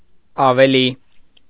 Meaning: 1. more, beyond 2. Forming the comparative form of adjectives
- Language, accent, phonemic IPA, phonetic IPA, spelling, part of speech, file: Armenian, Eastern Armenian, /ɑveˈli/, [ɑvelí], ավելի, adverb, Hy-ավելի.ogg